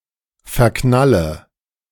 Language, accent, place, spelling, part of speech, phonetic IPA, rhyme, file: German, Germany, Berlin, verknalle, verb, [fɛɐ̯ˈknalə], -alə, De-verknalle.ogg
- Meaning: inflection of verknallen: 1. first-person singular present 2. first/third-person singular subjunctive I 3. singular imperative